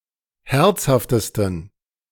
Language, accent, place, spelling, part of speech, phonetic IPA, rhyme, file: German, Germany, Berlin, herzhaftesten, adjective, [ˈhɛʁt͡shaftəstn̩], -ɛʁt͡shaftəstn̩, De-herzhaftesten.ogg
- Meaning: 1. superlative degree of herzhaft 2. inflection of herzhaft: strong genitive masculine/neuter singular superlative degree